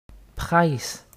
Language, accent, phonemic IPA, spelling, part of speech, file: French, Quebec, /pʁɛs/, presse, noun / verb, Qc-presse.ogg
- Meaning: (noun) 1. press, papers (the media) 2. press (e.g. printing press) 3. haste, hurry, rush; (verb) inflection of presser: first/third-person singular present indicative/subjunctive